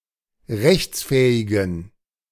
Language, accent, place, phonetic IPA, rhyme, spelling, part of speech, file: German, Germany, Berlin, [ˈʁɛçt͡sˌfɛːɪɡn̩], -ɛçt͡sfɛːɪɡn̩, rechtsfähigen, adjective, De-rechtsfähigen.ogg
- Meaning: inflection of rechtsfähig: 1. strong genitive masculine/neuter singular 2. weak/mixed genitive/dative all-gender singular 3. strong/weak/mixed accusative masculine singular 4. strong dative plural